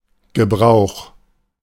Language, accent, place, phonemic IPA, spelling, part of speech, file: German, Germany, Berlin, /ɡəˈbʁaʊ̯x/, Gebrauch, noun, De-Gebrauch.ogg
- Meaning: 1. use, usage 2. application 3. practice, customs